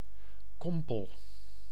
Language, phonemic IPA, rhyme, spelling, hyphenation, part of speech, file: Dutch, /ˈkɔm.pəl/, -ɔmpəl, kompel, kom‧pel, noun, Nl-kompel.ogg
- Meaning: a miner